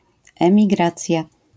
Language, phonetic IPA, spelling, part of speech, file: Polish, [ˌɛ̃mʲiˈɡrat͡sʲja], emigracja, noun, LL-Q809 (pol)-emigracja.wav